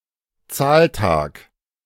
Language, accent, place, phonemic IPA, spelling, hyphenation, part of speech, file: German, Germany, Berlin, /ˈtsaːlˌtaːk/, Zahltag, Zahl‧tag, noun, De-Zahltag.ogg
- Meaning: payday